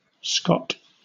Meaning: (noun) A person born in or native to Scotland; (proper noun) 1. A surname 2. A male given name transferred from the surname, of rare usage, variant of Scott
- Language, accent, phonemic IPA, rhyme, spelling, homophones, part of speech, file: English, Southern England, /ˈskɒt/, -ɒt, Scot, Scott, noun / proper noun, LL-Q1860 (eng)-Scot.wav